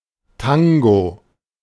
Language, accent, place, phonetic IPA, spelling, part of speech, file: German, Germany, Berlin, [ˈtaŋɡo], Tango, noun, De-Tango.ogg
- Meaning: 1. tango (dance) 2. pilsner mixed with grenadine or (in Westphalia) with one of the red soft drinks Regina or Emsgold